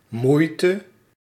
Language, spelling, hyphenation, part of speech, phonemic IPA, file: Dutch, moeite, moei‧te, noun, /ˈmui̯.tə/, Nl-moeite.ogg
- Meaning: 1. effort 2. difficulty